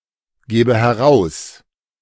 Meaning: inflection of herausgeben: 1. first-person singular present 2. first/third-person singular subjunctive I
- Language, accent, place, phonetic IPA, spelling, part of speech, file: German, Germany, Berlin, [ˌɡeːbə hɛˈʁaʊ̯s], gebe heraus, verb, De-gebe heraus.ogg